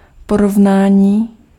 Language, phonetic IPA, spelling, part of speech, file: Czech, [ˈporovnaːɲiː], porovnání, noun, Cs-porovnání.ogg
- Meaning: 1. verbal noun of porovnat 2. comparison (the act of comparing) 3. comparison (evaluation of the similarities and differences of things)